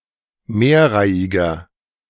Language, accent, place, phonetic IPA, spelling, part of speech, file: German, Germany, Berlin, [ˈmeːɐ̯ˌʁaɪ̯ɪɡɐ], mehrreihiger, adjective, De-mehrreihiger.ogg
- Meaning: inflection of mehrreihig: 1. strong/mixed nominative masculine singular 2. strong genitive/dative feminine singular 3. strong genitive plural